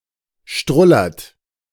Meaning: inflection of strullern: 1. third-person singular present 2. second-person plural present 3. plural imperative
- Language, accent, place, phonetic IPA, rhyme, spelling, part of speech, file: German, Germany, Berlin, [ˈʃtʁʊlɐt], -ʊlɐt, strullert, verb, De-strullert.ogg